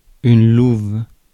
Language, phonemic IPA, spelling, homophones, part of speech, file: French, /luv/, louve, louvent / louves, noun / verb, Fr-louve.ogg
- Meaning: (noun) 1. she-wolf 2. a metal wedge used in masonry; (verb) inflection of louver: 1. first/third-person singular present indicative/subjunctive 2. second-person singular imperative